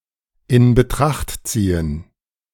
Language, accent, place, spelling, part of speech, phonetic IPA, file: German, Germany, Berlin, in Betracht ziehen, phrase, [ɪn bəˈtʁaxt ˈt͡siːən], De-in Betracht ziehen2.ogg
- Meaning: to take into consideration